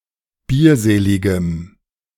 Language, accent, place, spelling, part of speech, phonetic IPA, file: German, Germany, Berlin, bierseligem, adjective, [ˈbiːɐ̯ˌzeːlɪɡəm], De-bierseligem.ogg
- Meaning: strong dative masculine/neuter singular of bierselig